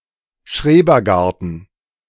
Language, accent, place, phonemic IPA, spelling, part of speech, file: German, Germany, Berlin, /ˈʃreːbərˌɡartən/, Schrebergarten, noun, De-Schrebergarten.ogg
- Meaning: allotment (parcel of land where townspeople can grow vegetables or practice gardening as a leisure activity)